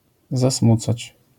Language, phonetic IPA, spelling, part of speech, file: Polish, [zaˈsmut͡sat͡ɕ], zasmucać, verb, LL-Q809 (pol)-zasmucać.wav